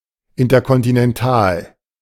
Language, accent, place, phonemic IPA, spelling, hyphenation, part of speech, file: German, Germany, Berlin, /ˌɪntɐkɔntinɛnˈtaːl/, interkontinental, in‧ter‧kon‧ti‧nen‧tal, adjective, De-interkontinental.ogg
- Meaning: intercontinental